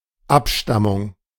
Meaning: descent, ancestry, lineage, parentage, genealogy
- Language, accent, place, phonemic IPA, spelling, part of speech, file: German, Germany, Berlin, /ˈapˌʃtamʊŋ/, Abstammung, noun, De-Abstammung.ogg